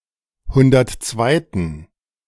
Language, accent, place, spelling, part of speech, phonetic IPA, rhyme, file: German, Germany, Berlin, hundertzweiten, adjective, [ˈhʊndɐtˈt͡svaɪ̯tn̩], -aɪ̯tn̩, De-hundertzweiten.ogg
- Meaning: inflection of hundertzweite: 1. strong genitive masculine/neuter singular 2. weak/mixed genitive/dative all-gender singular 3. strong/weak/mixed accusative masculine singular 4. strong dative plural